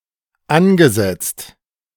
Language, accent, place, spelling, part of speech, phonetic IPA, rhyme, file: German, Germany, Berlin, angesetzt, verb, [ˈanɡəˌzɛt͡st], -anɡəzɛt͡st, De-angesetzt.ogg
- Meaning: past participle of ansetzen